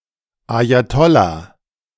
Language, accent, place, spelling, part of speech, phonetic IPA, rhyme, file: German, Germany, Berlin, Ajatollah, noun, [ˌajaˈtɔla], -ɔla, De-Ajatollah.ogg
- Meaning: ayatollah (religious leader in Twelver Shi'ism)